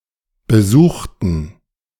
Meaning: inflection of besucht: 1. strong genitive masculine/neuter singular 2. weak/mixed genitive/dative all-gender singular 3. strong/weak/mixed accusative masculine singular 4. strong dative plural
- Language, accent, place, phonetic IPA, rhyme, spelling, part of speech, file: German, Germany, Berlin, [bəˈzuːxtn̩], -uːxtn̩, besuchten, adjective / verb, De-besuchten.ogg